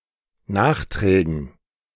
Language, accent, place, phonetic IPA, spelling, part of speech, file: German, Germany, Berlin, [ˈnaːxˌtʁɛːɡn̩], Nachträgen, noun, De-Nachträgen.ogg
- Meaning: dative plural of Nachtrag